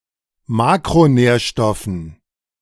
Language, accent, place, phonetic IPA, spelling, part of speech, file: German, Germany, Berlin, [ˈmaːkʁoˌnɛːɐ̯ʃtɔfn̩], Makronährstoffen, noun, De-Makronährstoffen.ogg
- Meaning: dative plural of Makronährstoff